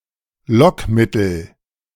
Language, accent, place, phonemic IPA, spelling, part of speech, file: German, Germany, Berlin, /ˈlɔkˌmɪtəl/, Lockmittel, noun, De-Lockmittel.ogg
- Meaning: lure